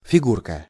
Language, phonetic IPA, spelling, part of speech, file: Russian, [fʲɪˈɡurkə], фигурка, noun, Ru-фигурка.ogg
- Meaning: 1. diminutive of фигу́ра (figúra): figure 2. figurine